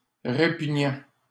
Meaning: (adjective) disgusting, repugnant; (verb) present participle of répugner
- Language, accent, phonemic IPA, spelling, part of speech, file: French, Canada, /ʁe.py.ɲɑ̃/, répugnant, adjective / verb, LL-Q150 (fra)-répugnant.wav